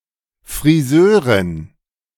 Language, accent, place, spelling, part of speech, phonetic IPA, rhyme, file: German, Germany, Berlin, Friseurin, noun, [fʁiˈzøːʁɪn], -øːʁɪn, De-Friseurin.ogg
- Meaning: female hairdresser, hairstylist, haircutter